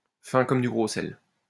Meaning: unsubtle, subtle as a sledgehammer
- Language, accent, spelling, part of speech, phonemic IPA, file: French, France, fin comme du gros sel, adjective, /fɛ̃ kɔm dy ɡʁo sɛl/, LL-Q150 (fra)-fin comme du gros sel.wav